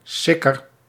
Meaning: alternative form of sjikker
- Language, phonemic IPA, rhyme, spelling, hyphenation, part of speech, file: Dutch, /ˈsɪ.kər/, -ɪkər, sikker, sik‧ker, adjective, Nl-sikker.ogg